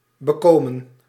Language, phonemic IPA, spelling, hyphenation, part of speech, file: Dutch, /bəˈkoːmə(n)/, bekomen, be‧ko‧men, verb, Nl-bekomen.ogg
- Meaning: 1. to recover 2. to obtain, to acquire 3. to please, to be enjoyable 4. past participle of bekomen